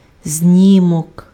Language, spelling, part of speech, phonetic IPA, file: Ukrainian, знімок, noun, [ˈzʲnʲimɔk], Uk-знімок.ogg
- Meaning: 1. photo 2. copy